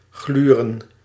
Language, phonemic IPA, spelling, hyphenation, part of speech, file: Dutch, /ˈɣlyː.rə(n)/, gluren, glu‧ren, verb, Nl-gluren.ogg
- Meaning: to peek, peep, ogle, pry